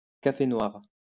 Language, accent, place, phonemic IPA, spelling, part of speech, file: French, France, Lyon, /ka.fe nwaʁ/, café noir, noun, LL-Q150 (fra)-café noir.wav
- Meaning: 1. black coffee 2. afterparty